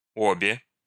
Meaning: inflection of о́ба (óba): 1. nominative feminine plural 2. inanimate accusative feminine plural
- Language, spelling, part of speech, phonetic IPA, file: Russian, обе, numeral, [ˈobʲe], Ru-обе.ogg